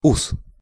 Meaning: 1. moustache 2. whisker 3. feeler, antenna 4. tendril, awn
- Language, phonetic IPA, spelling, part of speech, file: Russian, [us], ус, noun, Ru-ус.ogg